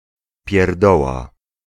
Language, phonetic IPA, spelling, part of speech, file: Polish, [pʲjɛrˈdɔwa], pierdoła, noun, Pl-pierdoła.ogg